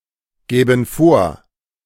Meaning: first/third-person plural subjunctive II of vorgeben
- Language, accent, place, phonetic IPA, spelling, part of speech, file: German, Germany, Berlin, [ˌɡɛːbn̩ ˈfoːɐ̯], gäben vor, verb, De-gäben vor.ogg